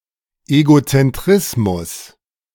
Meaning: egocentrism
- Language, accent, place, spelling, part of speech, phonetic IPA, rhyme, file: German, Germany, Berlin, Egozentrismus, noun, [eɡot͡sɛnˈtʁɪsmʊs], -ɪsmʊs, De-Egozentrismus.ogg